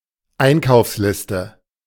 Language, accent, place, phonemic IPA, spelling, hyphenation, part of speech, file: German, Germany, Berlin, /ˈaɪ̯nkaʊ̯fslɪstə/, Einkaufsliste, Ein‧kaufs‧lis‧te, noun, De-Einkaufsliste.ogg
- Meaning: shopping list, list of things to buy